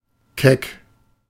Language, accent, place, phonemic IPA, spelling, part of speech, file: German, Germany, Berlin, /kɛk/, keck, adjective, De-keck.ogg
- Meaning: sassy; cheeky (bold and spirited)